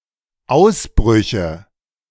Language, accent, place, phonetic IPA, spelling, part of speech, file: German, Germany, Berlin, [ˈaʊ̯sˌbʁʏçə], Ausbrüche, noun, De-Ausbrüche.ogg
- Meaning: nominative/accusative/genitive plural of Ausbruch